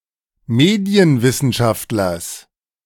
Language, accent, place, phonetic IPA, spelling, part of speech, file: German, Germany, Berlin, [ˈmeːdi̯ənvɪsn̩ˌʃaftlɐs], Medienwissenschaftlers, noun, De-Medienwissenschaftlers.ogg
- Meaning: genitive singular of Medienwissenschaftler